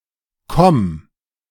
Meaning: 1. singular imperative of kommen 2. first-person singular present of kommen
- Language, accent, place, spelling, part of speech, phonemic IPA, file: German, Germany, Berlin, komm, verb, /kɔm/, De-komm.ogg